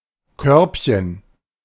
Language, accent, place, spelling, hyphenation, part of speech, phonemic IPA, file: German, Germany, Berlin, Körbchen, Körb‧chen, noun, /ˈkœʁpçən/, De-Körbchen.ogg
- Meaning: 1. diminutive of Korb 2. bra cup